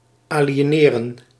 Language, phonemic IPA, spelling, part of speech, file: Dutch, /ˌaː.li.eːˈneː.rə(n)/, aliëneren, verb, Nl-aliëneren.ogg
- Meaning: to transfer, to sell or donate